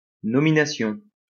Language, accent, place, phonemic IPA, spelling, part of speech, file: French, France, Lyon, /nɔ.mi.na.sjɔ̃/, nomination, noun, LL-Q150 (fra)-nomination.wav
- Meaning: nomination